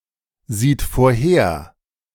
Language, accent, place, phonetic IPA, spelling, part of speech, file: German, Germany, Berlin, [ˌziːt foːɐ̯ˈheːɐ̯], sieht vorher, verb, De-sieht vorher.ogg
- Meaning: third-person singular present of vorhersehen